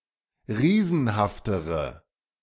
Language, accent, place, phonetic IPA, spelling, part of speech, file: German, Germany, Berlin, [ˈʁiːzn̩haftəʁə], riesenhaftere, adjective, De-riesenhaftere.ogg
- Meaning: inflection of riesenhaft: 1. strong/mixed nominative/accusative feminine singular comparative degree 2. strong nominative/accusative plural comparative degree